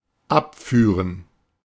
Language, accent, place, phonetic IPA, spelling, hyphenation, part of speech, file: German, Germany, Berlin, [ˈapˌfyːʁən], abführen, ab‧füh‧ren, verb, De-abführen.ogg
- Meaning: 1. to take away (someone in police custody) 2. to regularly pay 3. to rebuff 4. to evacuate (the bowel) 5. first/third-person plural dependent subjunctive II of abfahren